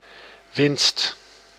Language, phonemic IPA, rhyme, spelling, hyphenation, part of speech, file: Dutch, /ʋɪnst/, -ɪnst, winst, winst, noun, Nl-winst.ogg
- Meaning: 1. profit 2. gain, act or process of gaining 3. gain, advantage, benefit 4. victory (in a game)